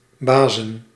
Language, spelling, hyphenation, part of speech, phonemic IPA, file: Dutch, basen, ba‧sen, noun, /ˈbaːzə(n)/, Nl-basen.ogg
- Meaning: plural of base